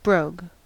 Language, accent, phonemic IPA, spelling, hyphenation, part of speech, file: English, US, /ˈbɹoʊ̯ɡ/, brogue, brogue, noun / verb, En-us-brogue.ogg
- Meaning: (noun) 1. A strong dialectal accent, usually Irish or Scottish 2. A strong Oxford shoe, with ornamental perforations and wing tips 3. A heavy shoe of untanned leather